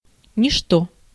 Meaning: nothing
- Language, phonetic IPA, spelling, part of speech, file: Russian, [nʲɪʂˈto], ничто, pronoun, Ru-ничто.ogg